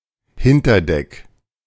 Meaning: afterdeck (of a ship or boat)
- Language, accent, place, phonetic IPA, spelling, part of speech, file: German, Germany, Berlin, [ˈhɪntɐˌdɛk], Hinterdeck, noun, De-Hinterdeck.ogg